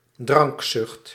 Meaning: alcoholism (addiction to alcohol)
- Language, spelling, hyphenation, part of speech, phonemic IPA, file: Dutch, drankzucht, drank‧zucht, noun, /ˈdrɑŋk.sʏxt/, Nl-drankzucht.ogg